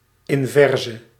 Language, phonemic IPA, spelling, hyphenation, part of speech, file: Dutch, /ɪɱˈvɛrsə/, inverse, in‧ver‧se, noun / adjective, Nl-inverse.ogg
- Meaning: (noun) inverse; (adjective) inflection of invers: 1. masculine/feminine singular attributive 2. definite neuter singular attributive 3. plural attributive